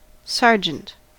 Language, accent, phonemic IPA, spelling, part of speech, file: English, US, /ˈsɑɹ.d͡ʒənt/, sergeant, noun, En-us-sergeant.ogg
- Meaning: 1. A UK army rank with NATO code OR-6, senior to corporal and junior to warrant officer ranks 2. The highest rank of noncommissioned officer in some non-naval military forces and police